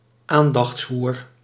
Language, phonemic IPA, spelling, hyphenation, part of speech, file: Dutch, /ˈaːn.dɑxtsˌɦur/, aandachtshoer, aan‧dachts‧hoer, noun, Nl-aandachtshoer.ogg
- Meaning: attention whore